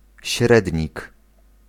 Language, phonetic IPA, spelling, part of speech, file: Polish, [ˈɕrɛdʲɲik], średnik, noun, Pl-średnik.ogg